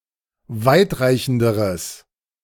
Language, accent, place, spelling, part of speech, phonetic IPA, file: German, Germany, Berlin, weitreichenderes, adjective, [ˈvaɪ̯tˌʁaɪ̯çn̩dəʁəs], De-weitreichenderes.ogg
- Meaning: strong/mixed nominative/accusative neuter singular comparative degree of weitreichend